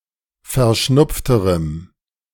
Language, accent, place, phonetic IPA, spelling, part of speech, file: German, Germany, Berlin, [fɛɐ̯ˈʃnʊp͡ftəʁəm], verschnupfterem, adjective, De-verschnupfterem.ogg
- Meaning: strong dative masculine/neuter singular comparative degree of verschnupft